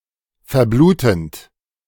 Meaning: present participle of verbluten
- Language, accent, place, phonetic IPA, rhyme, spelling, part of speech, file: German, Germany, Berlin, [fɛɐ̯ˈbluːtn̩t], -uːtn̩t, verblutend, verb, De-verblutend.ogg